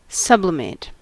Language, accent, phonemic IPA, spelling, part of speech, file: English, US, /ˈsʌblɪmeɪt/, sublimate, verb / noun, En-us-sublimate.ogg